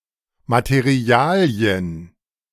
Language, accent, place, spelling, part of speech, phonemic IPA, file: German, Germany, Berlin, Materialien, noun, /mat(e)ˈri̯aːli̯ən/, De-Materialien.ogg
- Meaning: plural of Material